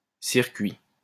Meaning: 1. circuit 2. tour
- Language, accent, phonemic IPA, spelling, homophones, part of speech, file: French, France, /siʁ.kɥi/, circuit, circuits, noun, LL-Q150 (fra)-circuit.wav